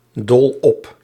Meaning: crazy about, extremely enthusiastic about, infatuated with
- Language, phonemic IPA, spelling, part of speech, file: Dutch, /dɔl ɔp/, dol op, adjective, Nl-dol op.ogg